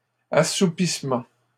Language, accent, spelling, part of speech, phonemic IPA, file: French, Canada, assoupissement, noun, /a.su.pis.mɑ̃/, LL-Q150 (fra)-assoupissement.wav
- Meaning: drowsiness